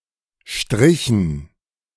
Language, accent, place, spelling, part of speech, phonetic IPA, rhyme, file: German, Germany, Berlin, strichen, verb, [ʃtʁɪçn̩], -ɪçn̩, De-strichen.ogg
- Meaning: inflection of streichen: 1. first/third-person plural preterite 2. first/third-person plural subjunctive II